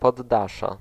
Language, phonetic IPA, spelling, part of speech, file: Polish, [pɔdˈːaʃɛ], poddasze, noun, Pl-poddasze.ogg